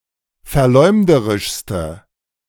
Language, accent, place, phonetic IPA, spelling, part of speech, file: German, Germany, Berlin, [fɛɐ̯ˈlɔɪ̯mdəʁɪʃstə], verleumderischste, adjective, De-verleumderischste.ogg
- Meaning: inflection of verleumderisch: 1. strong/mixed nominative/accusative feminine singular superlative degree 2. strong nominative/accusative plural superlative degree